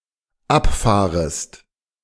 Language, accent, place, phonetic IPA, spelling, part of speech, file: German, Germany, Berlin, [ˈapˌfaːʁəst], abfahrest, verb, De-abfahrest.ogg
- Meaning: second-person singular dependent subjunctive I of abfahren